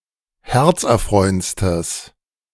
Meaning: strong/mixed nominative/accusative neuter singular superlative degree of herzerfreuend
- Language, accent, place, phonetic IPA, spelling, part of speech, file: German, Germany, Berlin, [ˈhɛʁt͡sʔɛɐ̯ˌfʁɔɪ̯ənt͡stəs], herzerfreuendstes, adjective, De-herzerfreuendstes.ogg